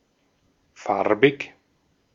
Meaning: 1. colored 2. colored (of skin color other than white) 3. chromatic
- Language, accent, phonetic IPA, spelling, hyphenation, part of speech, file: German, Austria, [ˈfaɐ̯.bɪç], farbig, far‧big, adjective, De-at-farbig.ogg